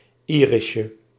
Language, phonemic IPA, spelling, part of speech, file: Dutch, /ˈirɪʃə/, irisje, noun, Nl-irisje.ogg
- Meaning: diminutive of iris